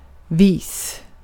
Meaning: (adjective) wise; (noun) a way (manner in which something is done or happens)
- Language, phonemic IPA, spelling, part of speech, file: Swedish, /viːs/, vis, adjective / noun, Sv-vis.ogg